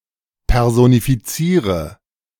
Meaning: inflection of personifizieren: 1. first-person singular present 2. singular imperative 3. first/third-person singular subjunctive I
- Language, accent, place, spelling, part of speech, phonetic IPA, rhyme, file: German, Germany, Berlin, personifiziere, verb, [ˌpɛʁzonifiˈt͡siːʁə], -iːʁə, De-personifiziere.ogg